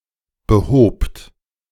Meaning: second-person plural preterite of beheben
- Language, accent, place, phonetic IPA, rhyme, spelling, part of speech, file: German, Germany, Berlin, [bəˈhoːpt], -oːpt, behobt, verb, De-behobt.ogg